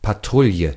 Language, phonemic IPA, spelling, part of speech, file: German, /paˈtʁʊljə/, Patrouille, noun, De-Patrouille.ogg
- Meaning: patrol